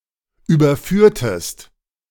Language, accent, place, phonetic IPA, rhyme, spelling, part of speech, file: German, Germany, Berlin, [ˌyːbɐˈfyːɐ̯təst], -yːɐ̯təst, überführtest, verb, De-überführtest.ogg
- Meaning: inflection of überführen: 1. second-person singular preterite 2. second-person singular subjunctive II